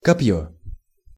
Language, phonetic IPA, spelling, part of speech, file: Russian, [kɐˈp⁽ʲ⁾jɵ], копьё, noun, Ru-копьё.ogg
- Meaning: spear, lance, javelin